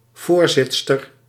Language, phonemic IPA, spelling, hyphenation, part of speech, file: Dutch, /ˈvoːrˌzɪt.stər/, voorzitster, voor‧zit‧ster, noun, Nl-voorzitster.ogg
- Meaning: chairwoman